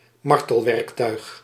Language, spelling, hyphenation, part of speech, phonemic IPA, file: Dutch, martelwerktuig, mar‧tel‧werk‧tuig, noun, /ˈmɑr.təlˌʋɛrk.tœy̯x/, Nl-martelwerktuig.ogg
- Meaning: torture instrument